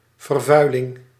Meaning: pollution
- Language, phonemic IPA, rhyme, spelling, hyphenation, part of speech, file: Dutch, /vərˈvœy̯lɪŋ/, -œy̯lɪŋ, vervuiling, ver‧vui‧ling, noun, Nl-vervuiling.ogg